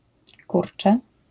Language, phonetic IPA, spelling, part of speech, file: Polish, [ˈkurt͡ʃɛ], kurczę, noun / interjection / verb, LL-Q809 (pol)-kurczę.wav